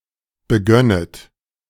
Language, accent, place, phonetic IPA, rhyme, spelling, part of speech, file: German, Germany, Berlin, [bəˈɡœnət], -œnət, begönnet, verb, De-begönnet.ogg
- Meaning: second-person plural subjunctive II of beginnen